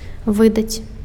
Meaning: to issue, to publish
- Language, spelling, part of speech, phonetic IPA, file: Belarusian, выдаць, verb, [ˈvɨdat͡sʲ], Be-выдаць.ogg